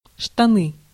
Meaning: trousers, pants
- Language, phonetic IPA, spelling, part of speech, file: Russian, [ʂtɐˈnɨ], штаны, noun, Ru-штаны.ogg